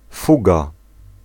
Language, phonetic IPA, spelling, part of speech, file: Polish, [ˈfuɡa], fuga, noun, Pl-fuga.ogg